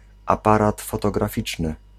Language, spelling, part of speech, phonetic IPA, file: Polish, aparat fotograficzny, noun, [aˈparat ˌfɔtɔɡraˈfʲit͡ʃnɨ], Pl-aparat fotograficzny.ogg